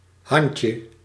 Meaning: diminutive of hand
- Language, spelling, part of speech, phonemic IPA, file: Dutch, handje, noun, /ˈhɑɲcə/, Nl-handje.ogg